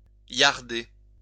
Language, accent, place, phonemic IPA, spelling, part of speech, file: French, France, Lyon, /ljaʁ.de/, liarder, verb, LL-Q150 (fra)-liarder.wav
- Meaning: to skimp (be parsimonious)